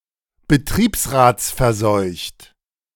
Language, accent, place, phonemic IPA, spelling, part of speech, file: German, Germany, Berlin, /bəˈtʁiːpsʁaːt͡sfɛɐ̯ˌzɔɪ̯çt/, betriebsratsverseucht, adjective, De-betriebsratsverseucht.ogg
- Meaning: works council